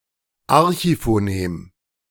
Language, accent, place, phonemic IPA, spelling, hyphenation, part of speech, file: German, Germany, Berlin, /ˈaʁçifoːˌneːm/, Archiphonem, Ar‧chi‧pho‧nem, noun, De-Archiphonem.ogg
- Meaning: archiphoneme